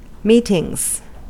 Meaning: plural of meeting
- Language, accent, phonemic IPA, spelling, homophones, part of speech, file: English, US, /ˈmiːtɪŋz/, meetings, metings, noun, En-us-meetings.ogg